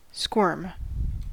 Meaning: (verb) 1. To twist one's body with snakelike motions 2. To twist in discomfort, especially from shame or embarrassment 3. To evade a question, an interviewer etc
- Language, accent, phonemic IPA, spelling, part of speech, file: English, US, /skwɝm/, squirm, verb / noun, En-us-squirm.ogg